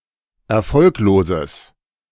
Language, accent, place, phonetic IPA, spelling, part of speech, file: German, Germany, Berlin, [ɛɐ̯ˈfɔlkloːzəs], erfolgloses, adjective, De-erfolgloses.ogg
- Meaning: strong/mixed nominative/accusative neuter singular of erfolglos